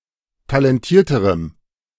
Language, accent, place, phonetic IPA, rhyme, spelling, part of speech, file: German, Germany, Berlin, [talɛnˈtiːɐ̯təʁəm], -iːɐ̯təʁəm, talentierterem, adjective, De-talentierterem.ogg
- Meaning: strong dative masculine/neuter singular comparative degree of talentiert